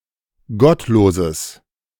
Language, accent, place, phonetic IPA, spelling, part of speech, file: German, Germany, Berlin, [ˈɡɔtˌloːzəs], gottloses, adjective, De-gottloses.ogg
- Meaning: strong/mixed nominative/accusative neuter singular of gottlos